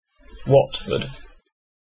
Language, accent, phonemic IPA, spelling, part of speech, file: English, UK, /wɒtfəd/, Watford, proper noun, En-uk-Watford.ogg
- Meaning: A town and borough in Hertfordshire, England (OS grid ref TQ1196)